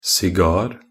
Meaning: a cigar (tobacco rolled and wrapped with an outer covering of tobacco leaves, intended to be smoked)
- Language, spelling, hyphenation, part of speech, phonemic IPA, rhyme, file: Norwegian Bokmål, sigar, si‧gar, noun, /sɪˈɡɑːr/, -ɑːr, Nb-sigar.ogg